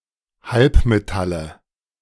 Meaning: nominative/accusative/genitive plural of Halbmetall
- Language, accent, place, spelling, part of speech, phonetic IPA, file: German, Germany, Berlin, Halbmetalle, noun, [ˈhalpmeˌtalə], De-Halbmetalle.ogg